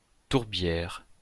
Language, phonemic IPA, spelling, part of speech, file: French, /tuʁ.bjɛʁ/, tourbière, noun, LL-Q150 (fra)-tourbière.wav
- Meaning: bog